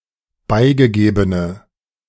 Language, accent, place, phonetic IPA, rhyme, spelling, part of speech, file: German, Germany, Berlin, [ˈbaɪ̯ɡəˌɡeːbənə], -aɪ̯ɡəɡeːbənə, beigegebene, adjective, De-beigegebene.ogg
- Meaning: inflection of beigegeben: 1. strong/mixed nominative/accusative feminine singular 2. strong nominative/accusative plural 3. weak nominative all-gender singular